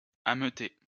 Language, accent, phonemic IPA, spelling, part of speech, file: French, France, /a.mø.te/, ameuter, verb, LL-Q150 (fra)-ameuter.wav
- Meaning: 1. to incite, to stir up 2. to alert